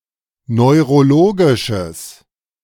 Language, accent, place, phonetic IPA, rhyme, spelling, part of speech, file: German, Germany, Berlin, [nɔɪ̯ʁoˈloːɡɪʃəs], -oːɡɪʃəs, neurologisches, adjective, De-neurologisches.ogg
- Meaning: strong/mixed nominative/accusative neuter singular of neurologisch